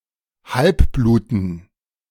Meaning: dative plural of Halbblut
- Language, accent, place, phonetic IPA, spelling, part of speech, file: German, Germany, Berlin, [ˈhalpˌbluːtn̩], Halbbluten, noun, De-Halbbluten.ogg